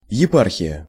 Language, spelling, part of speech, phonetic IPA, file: Russian, епархия, noun, [(j)ɪˈparxʲɪjə], Ru-епархия.ogg
- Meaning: 1. diocese, bishopric 2. domain, sphere of competence, area of responsibility